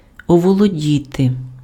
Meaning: 1. to capture, to take hold of, to seize 2. to overcome, to gain control over (:feelings) 3. to master (become proficient in)
- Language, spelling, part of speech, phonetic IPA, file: Ukrainian, оволодіти, verb, [ɔwɔɫoˈdʲite], Uk-оволодіти.ogg